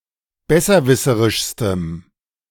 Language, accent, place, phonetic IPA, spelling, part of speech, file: German, Germany, Berlin, [ˈbɛsɐˌvɪsəʁɪʃstəm], besserwisserischstem, adjective, De-besserwisserischstem.ogg
- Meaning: strong dative masculine/neuter singular superlative degree of besserwisserisch